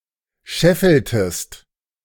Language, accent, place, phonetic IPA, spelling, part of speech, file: German, Germany, Berlin, [ˈʃɛfl̩təst], scheffeltest, verb, De-scheffeltest.ogg
- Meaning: inflection of scheffeln: 1. second-person singular preterite 2. second-person singular subjunctive II